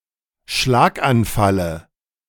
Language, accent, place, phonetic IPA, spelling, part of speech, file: German, Germany, Berlin, [ˈʃlaːkʔanˌfalə], Schlaganfalle, noun, De-Schlaganfalle.ogg
- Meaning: dative of Schlaganfall